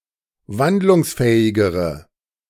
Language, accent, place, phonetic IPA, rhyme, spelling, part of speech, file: German, Germany, Berlin, [ˈvandlʊŋsˌfɛːɪɡəʁə], -andlʊŋsfɛːɪɡəʁə, wandlungsfähigere, adjective, De-wandlungsfähigere.ogg
- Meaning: inflection of wandlungsfähig: 1. strong/mixed nominative/accusative feminine singular comparative degree 2. strong nominative/accusative plural comparative degree